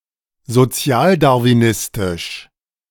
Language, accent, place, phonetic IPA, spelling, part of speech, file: German, Germany, Berlin, [zoˈt͡si̯aːldaʁviˌnɪstɪʃ], sozialdarwinistisch, adjective, De-sozialdarwinistisch.ogg
- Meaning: of social Darwinism